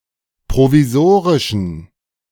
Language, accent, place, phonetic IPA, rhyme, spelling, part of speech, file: German, Germany, Berlin, [pʁoviˈzoːʁɪʃn̩], -oːʁɪʃn̩, provisorischen, adjective, De-provisorischen.ogg
- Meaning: inflection of provisorisch: 1. strong genitive masculine/neuter singular 2. weak/mixed genitive/dative all-gender singular 3. strong/weak/mixed accusative masculine singular 4. strong dative plural